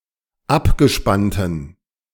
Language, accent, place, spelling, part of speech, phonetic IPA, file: German, Germany, Berlin, abgespannten, adjective, [ˈapɡəˌʃpantn̩], De-abgespannten.ogg
- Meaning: inflection of abgespannt: 1. strong genitive masculine/neuter singular 2. weak/mixed genitive/dative all-gender singular 3. strong/weak/mixed accusative masculine singular 4. strong dative plural